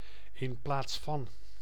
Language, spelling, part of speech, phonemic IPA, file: Dutch, in plaats van, preposition, /ɪn plaːts vɑn/, Nl-in plaats van.ogg
- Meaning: instead of, in place of